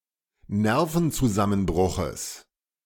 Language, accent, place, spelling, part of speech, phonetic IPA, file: German, Germany, Berlin, Nervenzusammenbruches, noun, [ˈnɛʁfn̩t͡suˌzamənbʁʊxəs], De-Nervenzusammenbruches.ogg
- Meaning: genitive singular of Nervenzusammenbruch